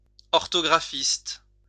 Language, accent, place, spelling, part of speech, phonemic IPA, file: French, France, Lyon, orthographiste, noun, /ɔʁ.tɔ.ɡʁa.fist/, LL-Q150 (fra)-orthographiste.wav
- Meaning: orthographist